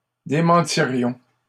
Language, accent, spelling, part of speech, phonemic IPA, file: French, Canada, démentirions, verb, /de.mɑ̃.ti.ʁjɔ̃/, LL-Q150 (fra)-démentirions.wav
- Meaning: first-person plural conditional of démentir